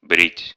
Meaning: to shave
- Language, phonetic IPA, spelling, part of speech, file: Russian, [brʲitʲ], брить, verb, Ru-брить.ogg